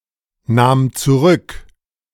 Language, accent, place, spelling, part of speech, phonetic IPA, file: German, Germany, Berlin, nahm zurück, verb, [ˌnaːm t͡suˈʁʏk], De-nahm zurück.ogg
- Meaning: first/third-person singular preterite of zurücknehmen